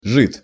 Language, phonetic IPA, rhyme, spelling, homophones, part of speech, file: Russian, [ʐɨt], -ɨt, жид, жит, noun, Ru-жид.ogg
- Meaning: 1. Jew, yid, kike 2. niggard; miser